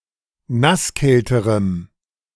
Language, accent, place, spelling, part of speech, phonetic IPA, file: German, Germany, Berlin, nasskälterem, adjective, [ˈnasˌkɛltəʁəm], De-nasskälterem.ogg
- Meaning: strong dative masculine/neuter singular comparative degree of nasskalt